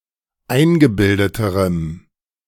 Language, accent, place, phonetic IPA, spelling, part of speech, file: German, Germany, Berlin, [ˈaɪ̯nɡəˌbɪldətəʁəm], eingebildeterem, adjective, De-eingebildeterem.ogg
- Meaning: strong dative masculine/neuter singular comparative degree of eingebildet